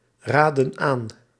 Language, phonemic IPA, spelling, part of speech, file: Dutch, /ˈradə(n) ˈan/, raadden aan, verb, Nl-raadden aan.ogg
- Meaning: inflection of aanraden: 1. plural past indicative 2. plural past subjunctive